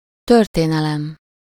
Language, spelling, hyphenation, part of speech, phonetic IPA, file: Hungarian, történelem, tör‧té‧ne‧lem, noun, [ˈtørteːnɛlɛm], Hu-történelem.ogg
- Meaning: 1. history (aggregate of past events) 2. writing of history, historiography 3. history (branch of knowledge that studies the past) 4. history (school subject) 5. history class